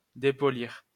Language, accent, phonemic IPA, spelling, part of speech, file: French, France, /de.pɔ.liʁ/, dépolir, verb, LL-Q150 (fra)-dépolir.wav
- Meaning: to unpolish